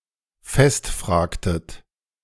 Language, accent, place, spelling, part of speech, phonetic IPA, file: German, Germany, Berlin, festfragtet, verb, [ˈfɛstˌfr̺aːktət], De-festfragtet.ogg
- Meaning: inflection of festfragen: 1. second-person plural preterite 2. second-person plural subjunctive II